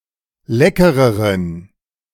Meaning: inflection of lecker: 1. strong genitive masculine/neuter singular comparative degree 2. weak/mixed genitive/dative all-gender singular comparative degree
- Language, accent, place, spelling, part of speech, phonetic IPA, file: German, Germany, Berlin, leckereren, adjective, [ˈlɛkəʁəʁən], De-leckereren.ogg